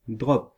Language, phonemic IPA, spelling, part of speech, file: French, /dʁɔp/, drop, noun, Fr-drop.ogg
- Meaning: drop goal